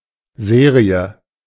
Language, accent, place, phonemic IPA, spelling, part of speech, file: German, Germany, Berlin, /ˈzeːri̯ə/, Serie, noun, De-Serie.ogg
- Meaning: series (a number of things that follow on one after the other)